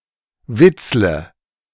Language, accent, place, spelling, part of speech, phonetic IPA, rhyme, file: German, Germany, Berlin, witzle, verb, [ˈvɪt͡slə], -ɪt͡slə, De-witzle.ogg
- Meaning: inflection of witzeln: 1. first-person singular present 2. first/third-person singular subjunctive I 3. singular imperative